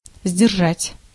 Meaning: 1. to hold in, to hold back, to keep back, to restrain, to hold in check, to contain, to deter 2. to keep (promise, word)
- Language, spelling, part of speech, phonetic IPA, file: Russian, сдержать, verb, [zʲdʲɪrˈʐatʲ], Ru-сдержать.ogg